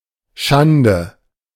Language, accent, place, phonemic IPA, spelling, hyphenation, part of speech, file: German, Germany, Berlin, /ˈʃandə/, Schande, Schan‧de, noun, De-Schande.ogg
- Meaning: disgrace, infamy, dishonour (state or result considered highly disreputable for whoever is responsible)